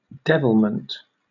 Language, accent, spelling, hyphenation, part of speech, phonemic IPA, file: English, Southern England, devilment, de‧vil‧ment, noun, /ˈdɛv(ɪ)lm(ə)nt/, LL-Q1860 (eng)-devilment.wav
- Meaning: 1. Devilish action or conduct; wickedness; (more generally) troublemaking behaviour; mischief; (countable) an instance of this 2. A devilish, mischievous, or reckless nature; mischievousness